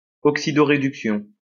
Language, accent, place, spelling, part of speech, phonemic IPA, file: French, France, Lyon, oxydoréduction, noun, /ɔk.si.dɔ.ʁe.dyk.sjɔ̃/, LL-Q150 (fra)-oxydoréduction.wav
- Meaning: oxidoreduction, redox reaction